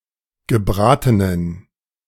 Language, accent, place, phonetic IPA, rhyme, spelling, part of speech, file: German, Germany, Berlin, [ɡəˈbʁaːtənən], -aːtənən, gebratenen, adjective, De-gebratenen.ogg
- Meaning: inflection of gebraten: 1. strong genitive masculine/neuter singular 2. weak/mixed genitive/dative all-gender singular 3. strong/weak/mixed accusative masculine singular 4. strong dative plural